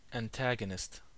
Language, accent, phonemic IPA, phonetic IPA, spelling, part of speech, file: English, US, /ænˈtæɡənɪst/, [ɛə̯nˈtæɡənɪst], antagonist, noun, En-us-antagonist.ogg
- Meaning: 1. An opponent or enemy 2. One who antagonizes or stirs